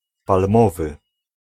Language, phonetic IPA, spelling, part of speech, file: Polish, [palˈmɔvɨ], palmowy, adjective, Pl-palmowy.ogg